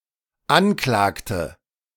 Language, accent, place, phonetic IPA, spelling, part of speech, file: German, Germany, Berlin, [ˈanˌklaːktə], anklagte, verb, De-anklagte.ogg
- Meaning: inflection of anklagen: 1. first/third-person singular dependent preterite 2. first/third-person singular dependent subjunctive II